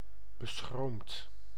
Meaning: timid, shy
- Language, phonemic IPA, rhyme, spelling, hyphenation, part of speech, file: Dutch, /bəˈsxroːmt/, -oːmt, beschroomd, be‧schroomd, adjective, Nl-beschroomd.ogg